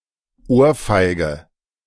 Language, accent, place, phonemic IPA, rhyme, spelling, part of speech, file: German, Germany, Berlin, /ˈʔoːɐ̯ˌfaɪ̯ɡə/, -aɪ̯ɡə, Ohrfeige, noun, De-Ohrfeige.ogg
- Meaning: 1. A box on the ear, cuff on the ear 2. slap in the face